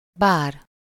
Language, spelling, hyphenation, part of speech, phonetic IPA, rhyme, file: Hungarian, bár, bár, conjunction / particle / noun, [ˈbaːr], -aːr, Hu-bár.ogg
- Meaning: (conjunction) although, though; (particle) if only; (noun) bar, nightclub